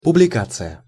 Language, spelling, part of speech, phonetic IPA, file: Russian, публикация, noun, [pʊblʲɪˈkat͡sɨjə], Ru-публикация.ogg
- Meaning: 1. publication (what is published) 2. publishing 3. notice, advertisement